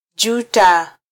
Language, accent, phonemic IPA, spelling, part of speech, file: Swahili, Kenya, /ˈʄu.tɑ/, juta, verb, Sw-ke-juta.flac
- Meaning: to regret